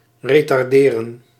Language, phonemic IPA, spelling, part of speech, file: Dutch, /ˌretɑrˈderə(n)/, retarderen, verb, Nl-retarderen.ogg
- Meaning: to delay, to hold up